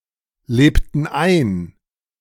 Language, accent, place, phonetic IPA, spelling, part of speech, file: German, Germany, Berlin, [ˌleːptn̩ ˈaɪ̯n], lebten ein, verb, De-lebten ein.ogg
- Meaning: inflection of einleben: 1. first/third-person plural preterite 2. first/third-person plural subjunctive II